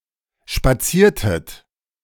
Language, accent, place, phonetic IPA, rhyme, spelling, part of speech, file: German, Germany, Berlin, [ʃpaˈt͡siːɐ̯tət], -iːɐ̯tət, spaziertet, verb, De-spaziertet.ogg
- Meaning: inflection of spazieren: 1. second-person plural preterite 2. second-person plural subjunctive II